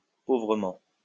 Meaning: poorly
- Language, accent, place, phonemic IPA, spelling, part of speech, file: French, France, Lyon, /po.vʁə.mɑ̃/, pauvrement, adverb, LL-Q150 (fra)-pauvrement.wav